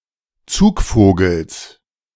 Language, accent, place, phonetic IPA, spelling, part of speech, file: German, Germany, Berlin, [ˈt͡suːkˌfoːɡl̩s], Zugvogels, noun, De-Zugvogels.ogg
- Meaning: genitive singular of Zugvogel